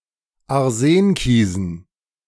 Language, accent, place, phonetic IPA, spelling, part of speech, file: German, Germany, Berlin, [aʁˈzeːnˌkiːzn̩], Arsenkiesen, noun, De-Arsenkiesen.ogg
- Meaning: dative plural of Arsenkies